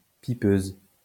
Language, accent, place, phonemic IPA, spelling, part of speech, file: French, France, Lyon, /pi.pøz/, pipeuse, noun, LL-Q150 (fra)-pipeuse.wav
- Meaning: fellatrix, cocksucker